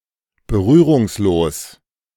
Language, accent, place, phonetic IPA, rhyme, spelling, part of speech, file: German, Germany, Berlin, [bəˈʁyːʁʊŋsˌloːs], -yːʁʊŋsloːs, berührungslos, adjective, De-berührungslos.ogg
- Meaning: contactless